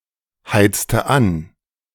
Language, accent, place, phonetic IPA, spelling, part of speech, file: German, Germany, Berlin, [ˌhaɪ̯t͡stə ˈan], heizte an, verb, De-heizte an.ogg
- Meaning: inflection of anheizen: 1. first/third-person singular preterite 2. first/third-person singular subjunctive II